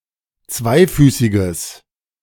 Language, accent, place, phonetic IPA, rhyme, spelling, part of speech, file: German, Germany, Berlin, [ˈt͡svaɪ̯ˌfyːsɪɡəs], -aɪ̯fyːsɪɡəs, zweifüßiges, adjective, De-zweifüßiges.ogg
- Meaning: strong/mixed nominative/accusative neuter singular of zweifüßig